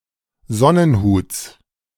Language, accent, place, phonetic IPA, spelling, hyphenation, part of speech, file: German, Germany, Berlin, [ˈzɔnənˌhuːt͡s], Sonnenhuts, Son‧nen‧huts, noun, De-Sonnenhuts.ogg
- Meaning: genitive singular of Sonnenhut